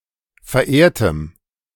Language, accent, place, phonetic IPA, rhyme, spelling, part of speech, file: German, Germany, Berlin, [fɛɐ̯ˈʔeːɐ̯təm], -eːɐ̯təm, verehrtem, adjective, De-verehrtem.ogg
- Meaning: strong dative masculine/neuter singular of verehrt